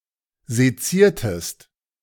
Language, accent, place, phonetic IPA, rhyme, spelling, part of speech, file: German, Germany, Berlin, [zeˈt͡siːɐ̯təst], -iːɐ̯təst, seziertest, verb, De-seziertest.ogg
- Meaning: inflection of sezieren: 1. second-person singular preterite 2. second-person singular subjunctive II